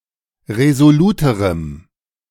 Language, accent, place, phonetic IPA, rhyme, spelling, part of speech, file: German, Germany, Berlin, [ʁezoˈluːtəʁəm], -uːtəʁəm, resoluterem, adjective, De-resoluterem.ogg
- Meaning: strong dative masculine/neuter singular comparative degree of resolut